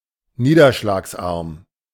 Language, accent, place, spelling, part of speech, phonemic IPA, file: German, Germany, Berlin, niederschlagsarm, adjective, /ˈniːdɐʃlaːksˌʔaʁm/, De-niederschlagsarm.ogg
- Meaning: low-rainfall